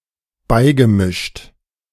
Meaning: past participle of beimischen - admixed
- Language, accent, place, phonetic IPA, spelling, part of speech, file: German, Germany, Berlin, [ˈbaɪ̯ɡəˌmɪʃt], beigemischt, verb, De-beigemischt.ogg